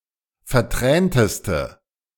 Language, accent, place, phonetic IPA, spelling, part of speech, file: German, Germany, Berlin, [fɛɐ̯ˈtʁɛːntəstə], vertränteste, adjective, De-vertränteste.ogg
- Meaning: inflection of vertränt: 1. strong/mixed nominative/accusative feminine singular superlative degree 2. strong nominative/accusative plural superlative degree